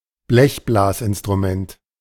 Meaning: brass instrument
- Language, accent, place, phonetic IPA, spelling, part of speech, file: German, Germany, Berlin, [ˈblɛçblaːsʔɪnstʁuˌmɛnt], Blechblasinstrument, noun, De-Blechblasinstrument.ogg